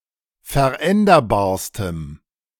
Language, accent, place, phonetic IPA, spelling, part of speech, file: German, Germany, Berlin, [fɛɐ̯ˈʔɛndɐbaːɐ̯stəm], veränderbarstem, adjective, De-veränderbarstem.ogg
- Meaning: strong dative masculine/neuter singular superlative degree of veränderbar